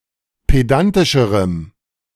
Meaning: strong dative masculine/neuter singular comparative degree of pedantisch
- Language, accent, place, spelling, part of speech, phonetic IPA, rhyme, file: German, Germany, Berlin, pedantischerem, adjective, [ˌpeˈdantɪʃəʁəm], -antɪʃəʁəm, De-pedantischerem.ogg